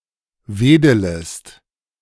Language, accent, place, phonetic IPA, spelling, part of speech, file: German, Germany, Berlin, [ˈveːdələst], wedelest, verb, De-wedelest.ogg
- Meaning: second-person singular subjunctive I of wedeln